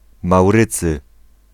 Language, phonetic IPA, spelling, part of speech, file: Polish, [mawˈrɨt͡sɨ], Maurycy, proper noun, Pl-Maurycy.ogg